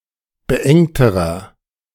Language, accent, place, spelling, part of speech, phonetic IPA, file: German, Germany, Berlin, beengterer, adjective, [bəˈʔɛŋtəʁɐ], De-beengterer.ogg
- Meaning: inflection of beengt: 1. strong/mixed nominative masculine singular comparative degree 2. strong genitive/dative feminine singular comparative degree 3. strong genitive plural comparative degree